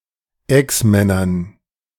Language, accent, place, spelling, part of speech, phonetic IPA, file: German, Germany, Berlin, Exmännern, noun, [ˈɛksˌmɛnɐn], De-Exmännern.ogg
- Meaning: dative plural of Exmann